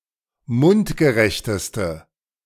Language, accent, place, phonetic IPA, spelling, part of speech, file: German, Germany, Berlin, [ˈmʊntɡəˌʁɛçtəstə], mundgerechteste, adjective, De-mundgerechteste.ogg
- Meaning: inflection of mundgerecht: 1. strong/mixed nominative/accusative feminine singular superlative degree 2. strong nominative/accusative plural superlative degree